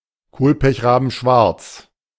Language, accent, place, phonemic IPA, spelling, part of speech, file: German, Germany, Berlin, /ˌkoːlpɛçʁaːbn̩ˈʃvaʁt͡s/, kohlpechrabenschwarz, adjective, De-kohlpechrabenschwarz.ogg
- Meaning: intense, non-reflective black